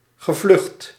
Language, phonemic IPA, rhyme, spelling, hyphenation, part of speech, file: Dutch, /ɣəˈvlʏxt/, -ʏxt, gevlucht, ge‧vlucht, noun / verb, Nl-gevlucht.ogg
- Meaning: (noun) a sail cross; the sail beams of a windmill, connecting the sweeps to the windshaft; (verb) past participle of vluchten